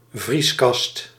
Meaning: freezer, deep freeze
- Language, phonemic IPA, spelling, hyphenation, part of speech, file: Dutch, /ˈvris.kɑst/, vrieskast, vries‧kast, noun, Nl-vrieskast.ogg